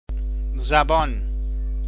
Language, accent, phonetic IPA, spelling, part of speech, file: Persian, Iran, [zæ.bɒ́ːn], زبان, noun, Fa-زبان.ogg
- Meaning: 1. tongue (body part) 2. language